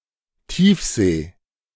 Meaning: deep sea
- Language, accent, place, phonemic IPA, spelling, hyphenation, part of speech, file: German, Germany, Berlin, /ˈtiːfˌzeː/, Tiefsee, Tief‧see, noun, De-Tiefsee.ogg